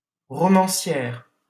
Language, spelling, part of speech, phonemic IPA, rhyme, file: French, romancière, noun, /ʁɔ.mɑ̃.sjɛʁ/, -ɛʁ, LL-Q150 (fra)-romancière.wav
- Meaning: novelist